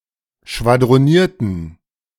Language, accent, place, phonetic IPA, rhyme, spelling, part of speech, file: German, Germany, Berlin, [ʃvadʁoˈniːɐ̯tn̩], -iːɐ̯tn̩, schwadronierten, verb, De-schwadronierten.ogg
- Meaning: inflection of schwadronieren: 1. first/third-person plural preterite 2. first/third-person plural subjunctive II